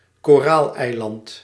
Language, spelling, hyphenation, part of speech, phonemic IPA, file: Dutch, koraaleiland, ko‧raal‧ei‧land, noun, /koːˈraːl.ɛi̯ˌlɑnt/, Nl-koraaleiland.ogg
- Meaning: atoll, coral island